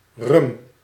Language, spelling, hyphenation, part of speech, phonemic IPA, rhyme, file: Dutch, rum, rum, noun, /rʏm/, -ʏm, Nl-rum.ogg
- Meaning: rum (alcoholic beverage)